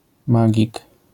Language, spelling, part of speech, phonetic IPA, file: Polish, magik, noun, [ˈmaɟik], LL-Q809 (pol)-magik.wav